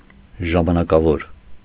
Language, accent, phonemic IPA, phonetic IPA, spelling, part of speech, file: Armenian, Eastern Armenian, /ʒɑmɑnɑkɑˈvoɾ/, [ʒɑmɑnɑkɑvóɾ], ժամանակավոր, adjective, Hy-ժամանակավոր.ogg
- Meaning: temporary, interim, provisional